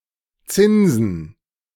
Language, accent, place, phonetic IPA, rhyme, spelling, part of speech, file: German, Germany, Berlin, [ˈt͡sɪnzn̩], -ɪnzn̩, Zinsen, noun, De-Zinsen.ogg
- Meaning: plural of Zins